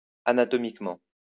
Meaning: anatomically
- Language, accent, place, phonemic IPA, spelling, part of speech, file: French, France, Lyon, /a.na.tɔ.mik.mɑ̃/, anatomiquement, adverb, LL-Q150 (fra)-anatomiquement.wav